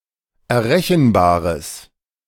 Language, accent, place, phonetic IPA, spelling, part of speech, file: German, Germany, Berlin, [ɛɐ̯ˈʁɛçn̩ˌbaːʁəs], errechenbares, adjective, De-errechenbares.ogg
- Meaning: strong/mixed nominative/accusative neuter singular of errechenbar